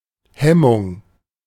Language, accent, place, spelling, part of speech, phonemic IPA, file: German, Germany, Berlin, Hemmung, noun, /ˈhɛmʊŋ/, De-Hemmung.ogg
- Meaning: 1. inhibition 2. scruple 3. hindrance, hindering 4. escapement of a timepiece